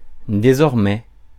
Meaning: henceforth, from now on
- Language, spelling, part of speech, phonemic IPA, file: French, désormais, adverb, /de.zɔʁ.mɛ/, Fr-désormais.ogg